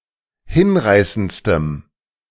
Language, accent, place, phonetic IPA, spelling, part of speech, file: German, Germany, Berlin, [ˈhɪnˌʁaɪ̯sənt͡stəm], hinreißendstem, adjective, De-hinreißendstem.ogg
- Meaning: strong dative masculine/neuter singular superlative degree of hinreißend